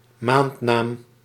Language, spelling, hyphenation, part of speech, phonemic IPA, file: Dutch, maandnaam, maand‧naam, noun, /ˈmaːndnaːm/, Nl-maandnaam.ogg
- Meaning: month name